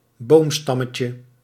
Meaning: 1. diminutive of boomstam 2. a spiced mince roll containing ham and cheese, covered in bread crumb with parsley covering the ends
- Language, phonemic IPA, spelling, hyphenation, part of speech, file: Dutch, /ˈboːmˌstɑ.mə.tjə/, boomstammetje, boom‧stam‧me‧tje, noun, Nl-boomstammetje.ogg